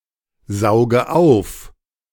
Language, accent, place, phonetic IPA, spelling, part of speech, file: German, Germany, Berlin, [ˌzaʊ̯ɡə ˈaʊ̯f], sauge auf, verb, De-sauge auf.ogg
- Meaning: inflection of aufsaugen: 1. first-person singular present 2. first/third-person singular subjunctive I 3. singular imperative